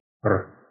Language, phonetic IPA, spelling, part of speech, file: Russian, [r], р, character, Ru-р.ogg
- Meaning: The eighteenth letter of the Russian alphabet, called эр (er) and written in the Cyrillic script